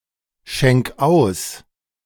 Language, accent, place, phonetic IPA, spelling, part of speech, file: German, Germany, Berlin, [ˌʃɛŋk ˈaʊ̯s], schenk aus, verb, De-schenk aus.ogg
- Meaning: 1. singular imperative of ausschenken 2. first-person singular present of ausschenken